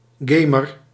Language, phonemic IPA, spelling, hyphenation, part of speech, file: Dutch, /ˈɡeː.mər/, gamer, ga‧mer, noun, Nl-gamer.ogg
- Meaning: a gamer, someone who plays video games